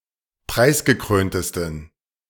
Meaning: 1. superlative degree of preisgekrönt 2. inflection of preisgekrönt: strong genitive masculine/neuter singular superlative degree
- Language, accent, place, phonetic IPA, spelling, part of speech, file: German, Germany, Berlin, [ˈpʁaɪ̯sɡəˌkʁøːntəstn̩], preisgekröntesten, adjective, De-preisgekröntesten.ogg